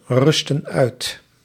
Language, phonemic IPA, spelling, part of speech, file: Dutch, /ˈrʏstə(n) ˈœyt/, rusten uit, verb, Nl-rusten uit.ogg
- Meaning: inflection of uitrusten: 1. plural present indicative 2. plural present subjunctive